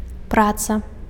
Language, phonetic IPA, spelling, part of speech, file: Belarusian, [ˈprat͡sa], праца, noun, Be-праца.ogg
- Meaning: 1. labor, toil, work (sustained effort to overcome obstacles and achieve a result) 2. essay, work (product; the result of effort, particularly a literary, artistic, or intellectual production)